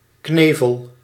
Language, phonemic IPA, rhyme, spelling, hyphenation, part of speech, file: Dutch, /ˈkneː.vəl/, -eːvəl, knevel, kne‧vel, noun / verb, Nl-knevel.ogg
- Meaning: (noun) 1. a pin used for fastening, a peg 2. a gag 3. a rope used to tie something 4. a moustache covering much of the area above the upper lip, e.g. a handlebar moustache or a walrus moustache